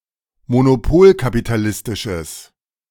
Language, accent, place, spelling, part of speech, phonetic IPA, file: German, Germany, Berlin, monopolkapitalistisches, adjective, [monoˈpoːlkapitaˌlɪstɪʃəs], De-monopolkapitalistisches.ogg
- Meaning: strong/mixed nominative/accusative neuter singular of monopolkapitalistisch